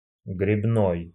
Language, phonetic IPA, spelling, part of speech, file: Russian, [ɡrʲɪbˈnoj], гребной, adjective, Ru-гребно́й.ogg
- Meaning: rowing